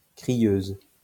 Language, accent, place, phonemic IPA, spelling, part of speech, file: French, France, Lyon, /kʁi.jøz/, crieuse, noun, LL-Q150 (fra)-crieuse.wav
- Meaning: female equivalent of crieur